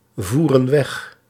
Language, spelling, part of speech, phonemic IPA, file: Dutch, voeren weg, verb, /ˈvurə(n) ˈwɛx/, Nl-voeren weg.ogg
- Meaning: inflection of wegvoeren: 1. plural present indicative 2. plural present subjunctive